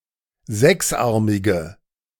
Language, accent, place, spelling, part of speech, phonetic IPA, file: German, Germany, Berlin, sechsarmige, adjective, [ˈzɛksˌʔaʁmɪɡə], De-sechsarmige.ogg
- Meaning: inflection of sechsarmig: 1. strong/mixed nominative/accusative feminine singular 2. strong nominative/accusative plural 3. weak nominative all-gender singular